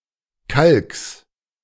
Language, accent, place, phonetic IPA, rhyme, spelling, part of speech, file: German, Germany, Berlin, [kalks], -alks, Kalks, noun, De-Kalks.ogg
- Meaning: genitive of Kalk